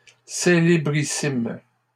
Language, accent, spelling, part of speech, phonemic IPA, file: French, Canada, célébrissimes, adjective, /se.le.bʁi.sim/, LL-Q150 (fra)-célébrissimes.wav
- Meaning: plural of célébrissime